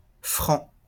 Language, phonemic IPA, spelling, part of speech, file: French, /fʁɑ̃/, Franc, noun, LL-Q150 (fra)-Franc.wav
- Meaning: Frank (member of a people that inhabited parts of what are now France, the Low Countries and Germany)